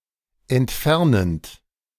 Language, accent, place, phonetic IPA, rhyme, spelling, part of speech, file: German, Germany, Berlin, [ɛntˈfɛʁnənt], -ɛʁnənt, entfernend, verb, De-entfernend.ogg
- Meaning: present participle of entfernen